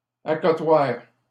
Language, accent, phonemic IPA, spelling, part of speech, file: French, Canada, /a.kɔ.twaʁ/, accotoir, noun, LL-Q150 (fra)-accotoir.wav
- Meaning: armrest